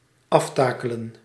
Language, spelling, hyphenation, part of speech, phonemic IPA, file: Dutch, aftakelen, af‧ta‧ke‧len, verb, /ˈɑfˌtaː.kə.lə(n)/, Nl-aftakelen.ogg
- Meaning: 1. to decay (in physical or mental condition) 2. to uncover, to expose